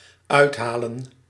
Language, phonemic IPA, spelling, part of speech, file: Dutch, /ˈœythalə(n)/, uithalen, verb / noun, Nl-uithalen.ogg
- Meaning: 1. to lash out, strike out 2. to pull out, draw out 3. to do (something remarkable) 4. to speak, to say